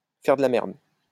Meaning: to fuck around; to fuck up
- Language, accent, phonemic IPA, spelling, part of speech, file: French, France, /fɛʁ də la mɛʁd/, faire de la merde, verb, LL-Q150 (fra)-faire de la merde.wav